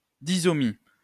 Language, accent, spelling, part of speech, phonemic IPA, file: French, France, disomie, noun, /di.zɔ.mi/, LL-Q150 (fra)-disomie.wav
- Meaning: disomy